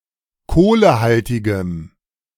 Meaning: inflection of kohlehaltig: 1. strong/mixed nominative/accusative feminine singular 2. strong nominative/accusative plural 3. weak nominative all-gender singular
- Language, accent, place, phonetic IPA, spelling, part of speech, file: German, Germany, Berlin, [ˈkoːləˌhaltɪɡə], kohlehaltige, adjective, De-kohlehaltige.ogg